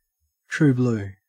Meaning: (adjective) 1. Steadfastly faithful or loyal; unwavering in loyalty; staunch, true 2. Steadfastly faithful or loyal; unwavering in loyalty; staunch, true.: Patriotic
- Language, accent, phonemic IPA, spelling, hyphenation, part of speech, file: English, Australia, /ˌtɹʉː ˈblʉː/, true blue, true blue, adjective / noun, En-au-true blue.ogg